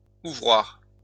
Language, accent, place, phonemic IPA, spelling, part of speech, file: French, France, Lyon, /u.vʁwaʁ/, ouvroir, noun, LL-Q150 (fra)-ouvroir.wav
- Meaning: workroom, sewing room